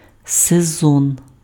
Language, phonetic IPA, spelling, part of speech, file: Ukrainian, [seˈzɔn], сезон, noun, Uk-сезон.ogg
- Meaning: 1. season (quarter of a year) 2. season (group of televised episodes)